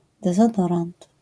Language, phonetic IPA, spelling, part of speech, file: Polish, [ˌdɛzɔˈdɔrãnt], dezodorant, noun, LL-Q809 (pol)-dezodorant.wav